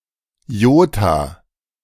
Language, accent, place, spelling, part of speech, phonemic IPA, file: German, Germany, Berlin, Jota, noun, /ˈjoːta/, De-Jota.ogg
- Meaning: iota